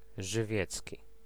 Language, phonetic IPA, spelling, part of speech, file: Polish, [ʒɨˈvʲjɛt͡sʲci], żywiecki, adjective, Pl-żywiecki.ogg